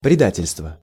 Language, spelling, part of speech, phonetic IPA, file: Russian, предательство, noun, [prʲɪˈdatʲɪlʲstvə], Ru-предательство.ogg
- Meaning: betrayal, treason, treachery